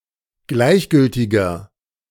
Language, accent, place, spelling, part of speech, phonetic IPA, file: German, Germany, Berlin, gleichgültiger, adjective, [ˈɡlaɪ̯çˌɡʏltɪɡɐ], De-gleichgültiger.ogg
- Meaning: 1. comparative degree of gleichgültig 2. inflection of gleichgültig: strong/mixed nominative masculine singular 3. inflection of gleichgültig: strong genitive/dative feminine singular